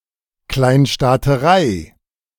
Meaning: political fragmentation of a country into many small polities with a large degree of autonomy, often in relation to the Holy Roman Empire or modern German federalism
- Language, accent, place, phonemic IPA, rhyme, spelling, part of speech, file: German, Germany, Berlin, /ˌklaɪ̯nʃtaːtəˈʁaɪ̯/, -aɪ̯, Kleinstaaterei, noun, De-Kleinstaaterei.ogg